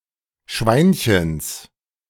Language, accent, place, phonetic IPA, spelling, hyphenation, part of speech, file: German, Germany, Berlin, [ˈʃvaɪ̯nçəns], Schweinchens, Schwein‧chens, noun, De-Schweinchens.ogg
- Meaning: genitive singular of Schweinchen